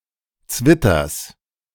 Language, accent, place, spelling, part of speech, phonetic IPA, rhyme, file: German, Germany, Berlin, Zwitters, noun, [ˈt͡svɪtɐs], -ɪtɐs, De-Zwitters.ogg
- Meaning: genitive singular of Zwitter